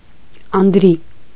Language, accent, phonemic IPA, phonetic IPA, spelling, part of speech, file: Armenian, Eastern Armenian, /ɑndˈɾi/, [ɑndɾí], անդրի, noun, Hy-անդրի.ogg
- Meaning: statue (of a man)